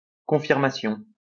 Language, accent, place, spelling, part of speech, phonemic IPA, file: French, France, Lyon, confirmation, noun, /kɔ̃.fiʁ.ma.sjɔ̃/, LL-Q150 (fra)-confirmation.wav
- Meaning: confirmation (all senses)